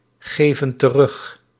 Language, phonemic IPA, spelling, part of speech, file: Dutch, /ˈɣevə(n) t(ə)ˈrʏx/, geven terug, verb, Nl-geven terug.ogg
- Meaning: inflection of teruggeven: 1. plural present indicative 2. plural present subjunctive